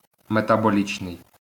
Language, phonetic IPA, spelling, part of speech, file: Ukrainian, [metɐboˈlʲit͡ʃnei̯], метаболічний, adjective, LL-Q8798 (ukr)-метаболічний.wav
- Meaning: metabolic (of or pertaining to metabolism)